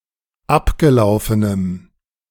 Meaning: strong dative masculine/neuter singular of abgelaufen
- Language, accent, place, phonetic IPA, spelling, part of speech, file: German, Germany, Berlin, [ˈapɡəˌlaʊ̯fənəm], abgelaufenem, adjective, De-abgelaufenem.ogg